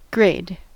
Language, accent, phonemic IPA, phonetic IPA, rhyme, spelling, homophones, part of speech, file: English, US, /ɡɹeɪd/, [ɡɹeɪd], -eɪd, grade, grayed, noun / verb, En-us-grade.ogg
- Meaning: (noun) 1. A rating 2. Performance on a test or other evaluation(s), expressed by a number, letter, or other symbol; a score